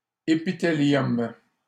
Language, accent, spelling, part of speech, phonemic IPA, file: French, Canada, épithélium, noun, /e.pi.te.ljɔm/, LL-Q150 (fra)-épithélium.wav
- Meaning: epithelium